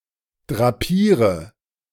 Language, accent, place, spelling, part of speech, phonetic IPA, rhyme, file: German, Germany, Berlin, drapiere, verb, [dʁaˈpiːʁə], -iːʁə, De-drapiere.ogg
- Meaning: inflection of drapieren: 1. first-person singular present 2. singular imperative 3. first/third-person singular subjunctive I